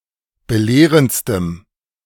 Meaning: strong dative masculine/neuter singular superlative degree of belehrend
- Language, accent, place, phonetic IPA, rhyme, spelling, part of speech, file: German, Germany, Berlin, [bəˈleːʁənt͡stəm], -eːʁənt͡stəm, belehrendstem, adjective, De-belehrendstem.ogg